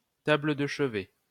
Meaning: nightstand
- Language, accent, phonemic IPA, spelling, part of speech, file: French, France, /ta.blə də ʃ(ə).vɛ/, table de chevet, noun, LL-Q150 (fra)-table de chevet.wav